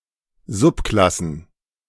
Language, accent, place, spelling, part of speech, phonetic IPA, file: German, Germany, Berlin, Subklassen, noun, [ˈzʊpˌklasn̩], De-Subklassen.ogg
- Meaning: plural of Subklasse